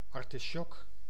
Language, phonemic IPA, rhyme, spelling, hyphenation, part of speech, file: Dutch, /ˌɑr.tiˈʃɔk/, -ɔk, artisjok, ar‧ti‧sjok, noun, Nl-artisjok.ogg
- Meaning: artichoke (Cynara scolymus), an edible plant related to the thistle